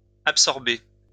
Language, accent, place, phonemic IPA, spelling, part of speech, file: French, France, Lyon, /ap.sɔʁ.be/, absorbées, verb, LL-Q150 (fra)-absorbées.wav
- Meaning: feminine plural of absorbé